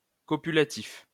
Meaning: copulative
- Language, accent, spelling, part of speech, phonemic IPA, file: French, France, copulatif, adjective, /kɔ.py.la.tif/, LL-Q150 (fra)-copulatif.wav